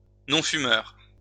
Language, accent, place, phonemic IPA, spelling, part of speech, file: French, France, Lyon, /nɔ̃.fy.mœʁ/, non-fumeur, noun, LL-Q150 (fra)-non-fumeur.wav
- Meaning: non-smoker (somebody who does not smoke tobacco)